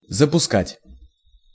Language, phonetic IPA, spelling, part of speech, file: Russian, [zəpʊˈskatʲ], запускать, verb, Ru-запускать.ogg
- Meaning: 1. to launch (a missile, rocket, a probe, etc.) 2. to launch; to start (operation or manufacturing of something) 3. to let in